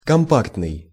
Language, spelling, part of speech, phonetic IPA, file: Russian, компактный, adjective, [kɐmˈpaktnɨj], Ru-компактный.ogg
- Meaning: compact, compacted, solid